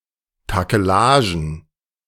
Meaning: plural of Takelage
- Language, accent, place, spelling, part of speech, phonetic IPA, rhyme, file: German, Germany, Berlin, Takelagen, noun, [takəˈlaːʒn̩], -aːʒn̩, De-Takelagen.ogg